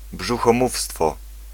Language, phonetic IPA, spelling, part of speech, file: Polish, [ˌbʒuxɔ̃ˈmufstfɔ], brzuchomówstwo, noun, Pl-brzuchomówstwo.ogg